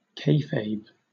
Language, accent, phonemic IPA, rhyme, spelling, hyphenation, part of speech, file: English, Southern England, /ˈkeɪfeɪb/, -eɪfeɪb, kayfabe, kay‧fabe, noun / adjective / verb, LL-Q1860 (eng)-kayfabe.wav
- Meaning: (noun) 1. The act, situation, or code of portraying staged events, performances, rivalries, etc as authentic or spontaneous 2. Similar fakery or suspension of disbelief in other contexts